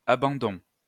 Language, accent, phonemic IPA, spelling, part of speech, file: French, France, /a.bɑ̃.dɔ̃/, abandons, noun, LL-Q150 (fra)-abandons.wav
- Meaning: plural of abandon